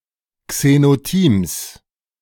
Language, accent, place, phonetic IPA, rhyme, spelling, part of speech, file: German, Germany, Berlin, [ksenoˈtiːms], -iːms, Xenotims, noun, De-Xenotims.ogg
- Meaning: genitive singular of Xenotim